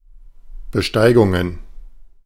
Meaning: plural of Besteigung
- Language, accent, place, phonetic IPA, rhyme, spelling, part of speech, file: German, Germany, Berlin, [bəˈʃtaɪ̯ɡʊŋən], -aɪ̯ɡʊŋən, Besteigungen, noun, De-Besteigungen.ogg